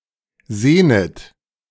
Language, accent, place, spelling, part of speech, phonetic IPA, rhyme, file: German, Germany, Berlin, sehnet, verb, [ˈzeːnət], -eːnət, De-sehnet.ogg
- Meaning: second-person plural subjunctive I of sehnen